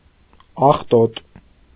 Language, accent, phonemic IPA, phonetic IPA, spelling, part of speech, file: Armenian, Eastern Armenian, /ɑχˈtot/, [ɑχtót], աղտոտ, adjective, Hy-աղտոտ.ogg
- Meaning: dirty